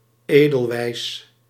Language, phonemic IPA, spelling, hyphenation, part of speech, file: Dutch, /ˈeː.dəlˌʋɛi̯s/, edelweiss, edel‧weiss, noun, Nl-edelweiss.ogg
- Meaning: edelweiss, Leontopodium alpinum